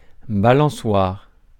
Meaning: 1. swing (a seat connected to a beam by rope or chain) 2. seesaw (a long board attached to a fulcrum)
- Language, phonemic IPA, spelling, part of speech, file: French, /ba.lɑ̃.swaʁ/, balançoire, noun, Fr-balançoire.ogg